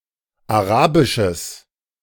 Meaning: strong/mixed nominative/accusative neuter singular of arabisch
- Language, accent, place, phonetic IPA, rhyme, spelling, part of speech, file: German, Germany, Berlin, [aˈʁaːbɪʃəs], -aːbɪʃəs, arabisches, adjective, De-arabisches.ogg